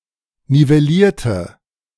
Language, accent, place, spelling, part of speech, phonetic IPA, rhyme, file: German, Germany, Berlin, nivellierte, adjective / verb, [nivɛˈliːɐ̯tə], -iːɐ̯tə, De-nivellierte.ogg
- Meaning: inflection of nivellieren: 1. first/third-person singular preterite 2. first/third-person singular subjunctive II